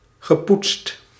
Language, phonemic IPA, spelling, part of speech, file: Dutch, /ɣəˈputst/, gepoetst, verb, Nl-gepoetst.ogg
- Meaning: past participle of poetsen